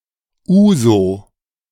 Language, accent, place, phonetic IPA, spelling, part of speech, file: German, Germany, Berlin, [ˈuːzo], Ouzo, noun, De-Ouzo.ogg
- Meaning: ouzo